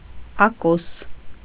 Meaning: 1. furrow, the trench cut in the soil by a plough 2. groove, furrow
- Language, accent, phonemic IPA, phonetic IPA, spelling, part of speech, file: Armenian, Eastern Armenian, /ɑˈkos/, [ɑkós], ակոս, noun, Hy-ակոս.ogg